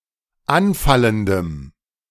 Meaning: strong dative masculine/neuter singular of anfallend
- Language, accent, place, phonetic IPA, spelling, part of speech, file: German, Germany, Berlin, [ˈanˌfaləndəm], anfallendem, adjective, De-anfallendem.ogg